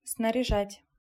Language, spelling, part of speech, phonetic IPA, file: Russian, снаряжать, verb, [snərʲɪˈʐatʲ], Ru-снаряжать.ogg
- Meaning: 1. to equip, to fit out 2. to send, to dispatch